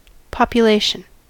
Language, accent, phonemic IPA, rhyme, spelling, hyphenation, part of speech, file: English, US, /ˌpɑ.pjəˈleɪ.ʃən/, -eɪʃən, population, po‧pu‧la‧tion, noun, En-us-population.ogg
- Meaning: 1. The people living within a political or geographical boundary 2. The people with a given characteristic